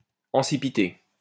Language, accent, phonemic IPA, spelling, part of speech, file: French, France, /ɑ̃.si.pi.te/, ancipité, adjective, LL-Q150 (fra)-ancipité.wav
- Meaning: ancipital